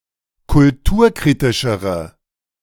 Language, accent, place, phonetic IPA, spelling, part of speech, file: German, Germany, Berlin, [kʊlˈtuːɐ̯ˌkʁiːtɪʃəʁə], kulturkritischere, adjective, De-kulturkritischere.ogg
- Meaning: inflection of kulturkritisch: 1. strong/mixed nominative/accusative feminine singular comparative degree 2. strong nominative/accusative plural comparative degree